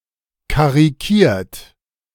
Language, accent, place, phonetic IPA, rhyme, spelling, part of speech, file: German, Germany, Berlin, [kaʁiˈkiːɐ̯t], -iːɐ̯t, karikiert, verb, De-karikiert.ogg
- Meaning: 1. past participle of karikieren 2. inflection of karikieren: third-person singular present 3. inflection of karikieren: second-person plural present 4. inflection of karikieren: plural imperative